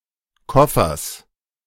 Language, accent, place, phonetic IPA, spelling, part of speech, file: German, Germany, Berlin, [ˈkɔfɐs], Koffers, noun, De-Koffers.ogg
- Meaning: genitive singular of Koffer